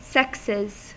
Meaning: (noun) 1. plural of sex 2. plural of sexe; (verb) third-person singular simple present indicative of sex
- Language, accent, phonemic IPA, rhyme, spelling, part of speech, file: English, US, /ˈsɛksɪz/, -ɛksɪz, sexes, noun / verb, En-us-sexes.ogg